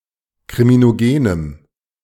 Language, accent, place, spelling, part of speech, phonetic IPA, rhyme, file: German, Germany, Berlin, kriminogenem, adjective, [kʁiminoˈɡeːnəm], -eːnəm, De-kriminogenem.ogg
- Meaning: strong dative masculine/neuter singular of kriminogen